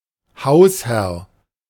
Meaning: 1. head of the household 2. host 3. landlord
- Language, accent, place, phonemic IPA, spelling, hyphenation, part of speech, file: German, Germany, Berlin, /ˈhaʊ̯sˌhɛʁ/, Hausherr, Haus‧herr, noun, De-Hausherr.ogg